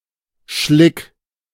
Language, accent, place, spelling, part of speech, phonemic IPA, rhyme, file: German, Germany, Berlin, Schlick, noun, /ʃlɪk/, -ɪk, De-Schlick.ogg
- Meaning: silt (very fine kind of mud found at the ground and shore of some waters)